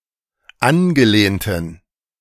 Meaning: inflection of angelehnt: 1. strong genitive masculine/neuter singular 2. weak/mixed genitive/dative all-gender singular 3. strong/weak/mixed accusative masculine singular 4. strong dative plural
- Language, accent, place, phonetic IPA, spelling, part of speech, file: German, Germany, Berlin, [ˈanɡəˌleːntn̩], angelehnten, adjective, De-angelehnten.ogg